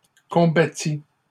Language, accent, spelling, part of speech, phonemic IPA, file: French, Canada, combattis, verb, /kɔ̃.ba.ti/, LL-Q150 (fra)-combattis.wav
- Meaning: first/second-person singular past historic of combattre